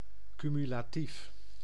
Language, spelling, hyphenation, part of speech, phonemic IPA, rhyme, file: Dutch, cumulatief, cu‧mu‧la‧tief, adjective, /kymylaːˈtif/, -if, Nl-cumulatief.ogg
- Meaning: cumulative